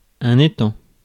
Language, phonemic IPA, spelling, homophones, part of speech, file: French, /e.tɑ̃/, étang, étant, noun, Fr-étang.ogg
- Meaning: 1. pond (small lake, often shallow) 2. lagoon (especially on the Mediterranean coast)